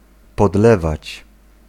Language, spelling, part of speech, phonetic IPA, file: Polish, podlewać, verb, [pɔdˈlɛvat͡ɕ], Pl-podlewać.ogg